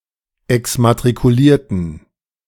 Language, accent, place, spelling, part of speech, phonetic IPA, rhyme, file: German, Germany, Berlin, exmatrikulierten, adjective / verb, [ɛksmatʁikuˈliːɐ̯tn̩], -iːɐ̯tn̩, De-exmatrikulierten.ogg
- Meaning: inflection of exmatrikuliert: 1. strong genitive masculine/neuter singular 2. weak/mixed genitive/dative all-gender singular 3. strong/weak/mixed accusative masculine singular 4. strong dative plural